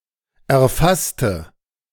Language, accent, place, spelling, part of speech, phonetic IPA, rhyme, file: German, Germany, Berlin, erfasste, adjective / verb, [ɛɐ̯ˈfastə], -astə, De-erfasste.ogg
- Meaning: inflection of erfassen: 1. first/third-person singular preterite 2. first/third-person singular subjunctive II